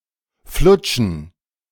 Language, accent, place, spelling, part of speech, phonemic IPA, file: German, Germany, Berlin, flutschen, verb, /ˈflʊtʃən/, De-flutschen.ogg
- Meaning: to slip; to move smoothly (out of a grip or through something)